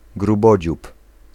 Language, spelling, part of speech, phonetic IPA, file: Polish, grubodziób, noun, [ɡruˈbɔd͡ʑup], Pl-grubodziób.ogg